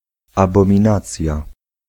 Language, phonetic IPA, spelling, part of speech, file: Polish, [ˌabɔ̃mʲĩˈnat͡sʲja], abominacja, noun, Pl-abominacja.ogg